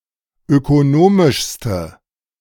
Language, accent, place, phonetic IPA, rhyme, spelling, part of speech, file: German, Germany, Berlin, [økoˈnoːmɪʃstə], -oːmɪʃstə, ökonomischste, adjective, De-ökonomischste.ogg
- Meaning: inflection of ökonomisch: 1. strong/mixed nominative/accusative feminine singular superlative degree 2. strong nominative/accusative plural superlative degree